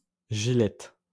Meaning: a surname
- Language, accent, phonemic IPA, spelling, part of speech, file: French, France, /ʒi.lɛt/, Gillette, proper noun, LL-Q150 (fra)-Gillette.wav